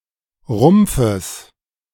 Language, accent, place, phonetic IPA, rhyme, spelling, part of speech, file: German, Germany, Berlin, [ˈʁʊmp͡fəs], -ʊmp͡fəs, Rumpfes, noun, De-Rumpfes.ogg
- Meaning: genitive singular of Rumpf